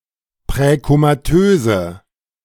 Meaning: inflection of präkomatös: 1. strong/mixed nominative/accusative feminine singular 2. strong nominative/accusative plural 3. weak nominative all-gender singular
- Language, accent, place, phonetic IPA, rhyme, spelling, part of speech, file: German, Germany, Berlin, [pʁɛkomaˈtøːzə], -øːzə, präkomatöse, adjective, De-präkomatöse.ogg